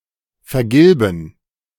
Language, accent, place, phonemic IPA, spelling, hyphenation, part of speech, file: German, Germany, Berlin, /fɛɐ̯ˈɡɪlbn̩/, vergilben, ver‧gil‧ben, verb, De-vergilben.ogg
- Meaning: to yellow; to turn yellow